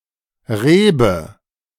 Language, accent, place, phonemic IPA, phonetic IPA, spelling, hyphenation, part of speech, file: German, Germany, Berlin, /ˈreːbə/, [ˈʁ̞eːbə], Rebe, Re‧be, noun, De-Rebe.ogg
- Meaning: 1. vine, grape 2. tendril